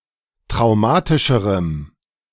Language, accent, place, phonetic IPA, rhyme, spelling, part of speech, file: German, Germany, Berlin, [tʁaʊ̯ˈmaːtɪʃəʁəm], -aːtɪʃəʁəm, traumatischerem, adjective, De-traumatischerem.ogg
- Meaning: strong dative masculine/neuter singular comparative degree of traumatisch